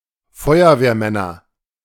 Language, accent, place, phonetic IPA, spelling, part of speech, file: German, Germany, Berlin, [ˈfɔɪ̯ɐveːɐ̯ˌmɛnɐ], Feuerwehrmänner, noun, De-Feuerwehrmänner.ogg
- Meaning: nominative/accusative/genitive plural of Feuerwehrmann